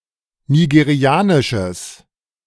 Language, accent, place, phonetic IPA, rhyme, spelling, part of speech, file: German, Germany, Berlin, [niɡeˈʁi̯aːnɪʃəs], -aːnɪʃəs, nigerianisches, adjective, De-nigerianisches.ogg
- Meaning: strong/mixed nominative/accusative neuter singular of nigerianisch